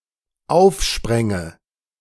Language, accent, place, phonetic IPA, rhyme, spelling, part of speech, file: German, Germany, Berlin, [ˈaʊ̯fˌʃpʁɛŋə], -aʊ̯fʃpʁɛŋə, aufspränge, verb, De-aufspränge.ogg
- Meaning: first/third-person singular dependent subjunctive II of aufspringen